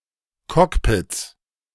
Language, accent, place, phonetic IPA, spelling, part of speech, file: German, Germany, Berlin, [ˈkɔkpɪt͡s], Cockpits, noun, De-Cockpits.ogg
- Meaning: 1. genitive singular of Cockpit 2. plural of Cockpit